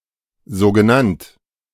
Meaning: alternative form of sogenannt
- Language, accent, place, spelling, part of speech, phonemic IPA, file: German, Germany, Berlin, so genannt, adjective, /ˌzoː ɡəˈnant/, De-so genannt.ogg